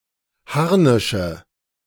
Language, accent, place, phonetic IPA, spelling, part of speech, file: German, Germany, Berlin, [ˈhaʁnɪʃə], Harnische, noun, De-Harnische.ogg
- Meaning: nominative/accusative/genitive plural of Harnisch